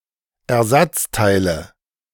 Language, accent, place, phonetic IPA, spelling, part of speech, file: German, Germany, Berlin, [ɛɐ̯ˈzat͡staɪ̯lə], Ersatzteile, noun, De-Ersatzteile.ogg
- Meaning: nominative/accusative/genitive plural of Ersatzteil